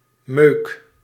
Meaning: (noun) junk, stuff; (verb) inflection of meuken: 1. first-person singular present indicative 2. second-person singular present indicative 3. imperative
- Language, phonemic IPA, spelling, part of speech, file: Dutch, /møk/, meuk, noun / verb, Nl-meuk.ogg